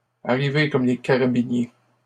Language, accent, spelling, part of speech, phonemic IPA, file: French, Canada, arriver comme les carabiniers, verb, /a.ʁi.ve kɔm le ka.ʁa.bi.nje/, LL-Q150 (fra)-arriver comme les carabiniers.wav
- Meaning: to come a day after the fair, to close the stable door after the horse has bolted